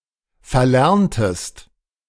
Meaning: inflection of verlernen: 1. second-person singular preterite 2. second-person singular subjunctive II
- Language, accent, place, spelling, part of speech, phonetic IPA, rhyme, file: German, Germany, Berlin, verlerntest, verb, [fɛɐ̯ˈlɛʁntəst], -ɛʁntəst, De-verlerntest.ogg